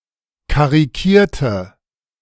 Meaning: inflection of karikieren: 1. first/third-person singular preterite 2. first/third-person singular subjunctive II
- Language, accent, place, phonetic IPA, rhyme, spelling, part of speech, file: German, Germany, Berlin, [kaʁiˈkiːɐ̯tə], -iːɐ̯tə, karikierte, adjective / verb, De-karikierte.ogg